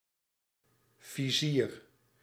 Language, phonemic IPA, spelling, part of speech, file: Dutch, /viˈzir/, vizier, noun, Nl-vizier.ogg
- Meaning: 1. visor, a removable protective guard on a (knight's) helmet 2. backsight, a visual aiming aid on the barrel of a gun